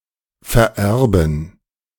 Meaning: to bequeath
- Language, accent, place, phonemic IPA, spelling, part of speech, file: German, Germany, Berlin, /fɛɐ̯ˈɛrbn̩/, vererben, verb, De-vererben.ogg